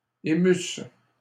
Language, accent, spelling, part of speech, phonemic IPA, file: French, Canada, émusses, verb, /e.mys/, LL-Q150 (fra)-émusses.wav
- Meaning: second-person singular imperfect subjunctive of émouvoir